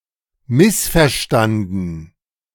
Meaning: past participle of missverstehen
- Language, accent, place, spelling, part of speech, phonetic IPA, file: German, Germany, Berlin, missverstanden, verb, [ˈmɪsfɛɐ̯ˌʃtandn̩], De-missverstanden.ogg